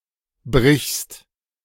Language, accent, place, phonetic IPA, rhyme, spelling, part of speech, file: German, Germany, Berlin, [bʁɪçst], -ɪçst, brichst, verb, De-brichst.ogg
- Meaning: second-person singular present of brechen